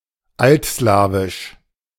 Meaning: Old Slavic, Old Slavonic
- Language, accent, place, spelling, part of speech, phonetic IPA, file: German, Germany, Berlin, altslawisch, adjective, [ˈaltˌslaːvɪʃ], De-altslawisch.ogg